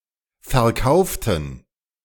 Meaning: inflection of verkaufen: 1. first/third-person plural preterite 2. first/third-person plural subjunctive II
- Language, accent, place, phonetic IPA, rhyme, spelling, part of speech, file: German, Germany, Berlin, [fɛɐ̯ˈkaʊ̯ftn̩], -aʊ̯ftn̩, verkauften, adjective / verb, De-verkauften.ogg